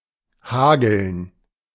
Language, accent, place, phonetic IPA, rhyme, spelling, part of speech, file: German, Germany, Berlin, [ˈhaːɡl̩n], -aːɡl̩n, hageln, verb, De-hageln.ogg
- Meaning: to hail